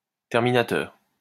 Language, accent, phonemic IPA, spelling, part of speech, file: French, France, /tɛʁ.mi.na.tœʁ/, terminateur, noun, LL-Q150 (fra)-terminateur.wav
- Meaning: terminator (all meanings)